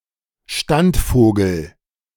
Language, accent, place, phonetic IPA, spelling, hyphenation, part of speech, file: German, Germany, Berlin, [ˈʃtantˌfoːɡl̩], Standvogel, Stand‧vo‧gel, noun, De-Standvogel.ogg
- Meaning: sedentary bird (bird of a non-migratory population)